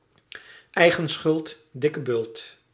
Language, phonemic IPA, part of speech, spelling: Dutch, /ˌɛi̯.ɣə(n)ˈsxʏlt ˌdɪ.kə ˈbʏlt/, phrase, eigen schuld, dikke bult
- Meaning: Expresses that one thinks a realised negative outcome is deserved; e.g. just deserts, reaping what one sows, having it coming, serving someone right